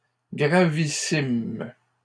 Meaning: plural of gravissime
- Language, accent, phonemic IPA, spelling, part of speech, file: French, Canada, /ɡʁa.vi.sim/, gravissimes, adjective, LL-Q150 (fra)-gravissimes.wav